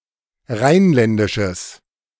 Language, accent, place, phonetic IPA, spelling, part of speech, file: German, Germany, Berlin, [ˈʁaɪ̯nˌlɛndɪʃəs], rheinländisches, adjective, De-rheinländisches.ogg
- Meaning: strong/mixed nominative/accusative neuter singular of rheinländisch